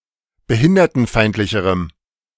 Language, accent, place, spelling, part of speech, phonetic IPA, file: German, Germany, Berlin, behindertenfeindlicherem, adjective, [bəˈhɪndɐtn̩ˌfaɪ̯ntlɪçəʁəm], De-behindertenfeindlicherem.ogg
- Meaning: strong dative masculine/neuter singular comparative degree of behindertenfeindlich